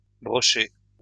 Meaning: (verb) past participle of brocher; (adjective) 1. paperback 2. brocaded
- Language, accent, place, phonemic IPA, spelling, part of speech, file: French, France, Lyon, /bʁɔ.ʃe/, broché, verb / adjective, LL-Q150 (fra)-broché.wav